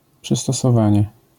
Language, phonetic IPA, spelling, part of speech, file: Polish, [ˌpʃɨstɔsɔˈvãɲɛ], przystosowanie, noun, LL-Q809 (pol)-przystosowanie.wav